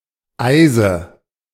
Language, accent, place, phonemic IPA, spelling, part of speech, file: German, Germany, Berlin, /ˈaɪ̯zə/, Eise, noun, De-Eise.ogg
- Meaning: nominative/accusative/genitive plural of Eis